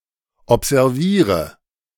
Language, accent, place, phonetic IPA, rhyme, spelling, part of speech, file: German, Germany, Berlin, [ɔpzɛʁˈviːʁə], -iːʁə, observiere, verb, De-observiere.ogg
- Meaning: inflection of observieren: 1. first-person singular present 2. singular imperative 3. first/third-person singular subjunctive I